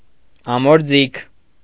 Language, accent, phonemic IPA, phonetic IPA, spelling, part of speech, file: Armenian, Eastern Armenian, /ɑmoɾˈd͡zikʰ/, [ɑmoɾd͡zíkʰ], ամորձիք, noun, Hy-ամորձիք.ogg
- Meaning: alternative form of ամորձի (amorji)